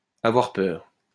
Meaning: to fear, be afraid
- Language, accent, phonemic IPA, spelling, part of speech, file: French, France, /a.vwaʁ pœʁ/, avoir peur, verb, LL-Q150 (fra)-avoir peur.wav